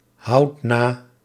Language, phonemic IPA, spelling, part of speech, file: Dutch, /ˈhɑut ˈna/, houd na, verb, Nl-houd na.ogg
- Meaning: inflection of nahouden: 1. first-person singular present indicative 2. second-person singular present indicative 3. imperative